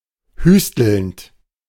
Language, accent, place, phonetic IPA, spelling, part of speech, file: German, Germany, Berlin, [ˈhyːstl̩nt], hüstelnd, verb, De-hüstelnd.ogg
- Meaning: present participle of hüsteln